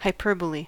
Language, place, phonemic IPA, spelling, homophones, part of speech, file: English, California, /haɪˈpɝbəli/, hyperbole, hyperbolae, noun, En-us-hyperbole.ogg
- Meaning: 1. Deliberate overstatement, particularly extreme overstatement 2. An instance or example of such overstatement 3. A hyperbola